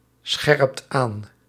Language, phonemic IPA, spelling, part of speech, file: Dutch, /ˈsxɛrᵊpt ˈan/, scherpt aan, verb, Nl-scherpt aan.ogg
- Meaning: inflection of aanscherpen: 1. second/third-person singular present indicative 2. plural imperative